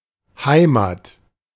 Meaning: 1. home, home town, homeland, native land 2. home; homeland; place where something originated or where it is deep-rooted
- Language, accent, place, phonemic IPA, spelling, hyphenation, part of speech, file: German, Germany, Berlin, /ˈhaɪ̯ma(ː)t/, Heimat, Hei‧mat, noun, De-Heimat.ogg